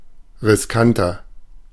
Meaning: 1. comparative degree of riskant 2. inflection of riskant: strong/mixed nominative masculine singular 3. inflection of riskant: strong genitive/dative feminine singular
- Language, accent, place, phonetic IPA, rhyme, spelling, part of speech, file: German, Germany, Berlin, [ʁɪsˈkantɐ], -antɐ, riskanter, adjective, De-riskanter.ogg